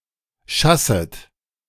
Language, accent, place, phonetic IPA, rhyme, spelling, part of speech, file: German, Germany, Berlin, [ˈʃasət], -asət, schasset, verb, De-schasset.ogg
- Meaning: second-person plural subjunctive I of schassen